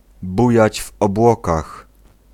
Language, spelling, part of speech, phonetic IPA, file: Polish, bujać w obłokach, phrase, [ˈbujäd͡ʑ v‿ɔbˈwɔkax], Pl-bujać w obłokach.ogg